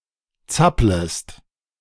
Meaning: second-person singular subjunctive I of zappeln
- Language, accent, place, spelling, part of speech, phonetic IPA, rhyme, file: German, Germany, Berlin, zapplest, verb, [ˈt͡sapləst], -apləst, De-zapplest.ogg